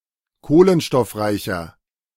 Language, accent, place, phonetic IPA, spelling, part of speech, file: German, Germany, Berlin, [ˈkoːlənʃtɔfˌʁaɪ̯çɐ], kohlenstoffreicher, adjective, De-kohlenstoffreicher.ogg
- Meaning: inflection of kohlenstoffreich: 1. strong/mixed nominative masculine singular 2. strong genitive/dative feminine singular 3. strong genitive plural